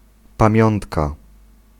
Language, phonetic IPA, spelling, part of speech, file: Polish, [pãˈmʲjɔ̃ntka], pamiątka, noun, Pl-pamiątka.ogg